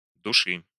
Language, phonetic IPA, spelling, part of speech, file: Russian, [dʊˈʂɨ], души, verb / noun, Ru-души́.ogg
- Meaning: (verb) second-person singular imperative imperfective of души́ть (dušítʹ); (noun) 1. genitive singular of душа́ (dušá) 2. nominative/accusative plural of душа́ (dušá)